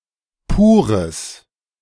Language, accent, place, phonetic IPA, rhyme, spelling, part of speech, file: German, Germany, Berlin, [puːʁəs], -uːʁəs, pures, adjective, De-pures.ogg
- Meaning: strong/mixed nominative/accusative neuter singular of pur